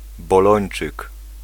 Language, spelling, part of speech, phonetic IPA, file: Polish, bolończyk, noun, [bɔˈlɔ̃j̃n͇t͡ʃɨk], Pl-bolończyk.ogg